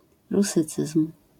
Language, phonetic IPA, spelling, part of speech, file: Polish, [ruˈsɨt͡sɨsm̥], rusycyzm, noun, LL-Q809 (pol)-rusycyzm.wav